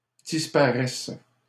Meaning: third-person plural present indicative/subjunctive of disparaître
- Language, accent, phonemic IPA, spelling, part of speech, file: French, Canada, /dis.pa.ʁɛs/, disparaissent, verb, LL-Q150 (fra)-disparaissent.wav